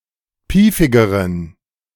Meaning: inflection of piefig: 1. strong genitive masculine/neuter singular comparative degree 2. weak/mixed genitive/dative all-gender singular comparative degree
- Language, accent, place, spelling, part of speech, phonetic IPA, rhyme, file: German, Germany, Berlin, piefigeren, adjective, [ˈpiːfɪɡəʁən], -iːfɪɡəʁən, De-piefigeren.ogg